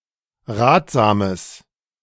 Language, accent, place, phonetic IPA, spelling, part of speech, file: German, Germany, Berlin, [ˈʁaːtz̥aːməs], ratsames, adjective, De-ratsames.ogg
- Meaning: strong/mixed nominative/accusative neuter singular of ratsam